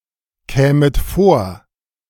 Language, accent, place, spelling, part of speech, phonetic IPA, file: German, Germany, Berlin, kämet vor, verb, [ˌkɛːmət ˈfoːɐ̯], De-kämet vor.ogg
- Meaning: second-person plural subjunctive II of vorkommen